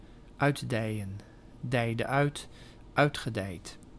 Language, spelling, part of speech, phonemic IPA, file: Dutch, uitdijen, verb, /ˈœydɛiə(n)/, Nl-uitdijen.ogg
- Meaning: to expand